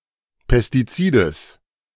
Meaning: genitive singular of Pestizid
- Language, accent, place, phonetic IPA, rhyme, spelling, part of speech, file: German, Germany, Berlin, [pɛstiˈt͡siːdəs], -iːdəs, Pestizides, noun, De-Pestizides.ogg